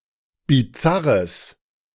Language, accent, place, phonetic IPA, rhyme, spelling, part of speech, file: German, Germany, Berlin, [biˈt͡saʁəs], -aʁəs, bizarres, adjective, De-bizarres.ogg
- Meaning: strong/mixed nominative/accusative neuter singular of bizarr